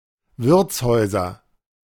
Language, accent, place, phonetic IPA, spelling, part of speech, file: German, Germany, Berlin, [ˈvɪʁt͡sˌhɔɪ̯zɐ], Wirtshäuser, noun, De-Wirtshäuser.ogg
- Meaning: nominative/accusative/genitive plural of Wirtshaus